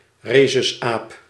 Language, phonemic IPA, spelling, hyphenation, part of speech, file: Dutch, /ˈreː.sʏsˌaːp/, resusaap, re‧sus‧aap, noun, Nl-resusaap.ogg
- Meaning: rhesus macaque, rhesus monkey (Macaca mulatta)